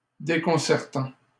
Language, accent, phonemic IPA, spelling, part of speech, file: French, Canada, /de.kɔ̃.sɛʁ.tɑ̃/, déconcertant, verb / adjective, LL-Q150 (fra)-déconcertant.wav
- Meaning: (verb) present participle of déconcerter; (adjective) disconcerting